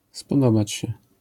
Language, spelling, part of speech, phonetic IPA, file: Polish, spodobać się, verb, [spɔˈdɔbat͡ɕ‿ɕɛ], LL-Q809 (pol)-spodobać się.wav